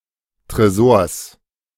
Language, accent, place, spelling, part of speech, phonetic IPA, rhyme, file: German, Germany, Berlin, Tresors, noun, [tʁeˈzoːɐ̯s], -oːɐ̯s, De-Tresors.ogg
- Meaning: genitive singular of Tresor